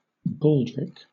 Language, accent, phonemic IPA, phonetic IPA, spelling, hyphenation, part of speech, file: English, Southern England, /ˈbɔːldɹɪk/, [ˈbɔːɫdɹɪk], baldric, bald‧ric, noun, LL-Q1860 (eng)-baldric.wav